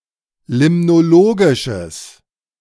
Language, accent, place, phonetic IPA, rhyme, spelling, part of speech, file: German, Germany, Berlin, [ˌlɪmnoˈloːɡɪʃəs], -oːɡɪʃəs, limnologisches, adjective, De-limnologisches.ogg
- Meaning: strong/mixed nominative/accusative neuter singular of limnologisch